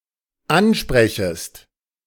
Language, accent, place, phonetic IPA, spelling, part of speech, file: German, Germany, Berlin, [ˈanˌʃpʁɛçəst], ansprechest, verb, De-ansprechest.ogg
- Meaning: second-person singular dependent subjunctive I of ansprechen